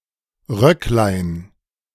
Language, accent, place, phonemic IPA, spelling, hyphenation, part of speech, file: German, Germany, Berlin, /ˈʁœklaɪ̯n/, Röcklein, Röck‧lein, noun, De-Röcklein.ogg
- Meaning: diminutive of Rock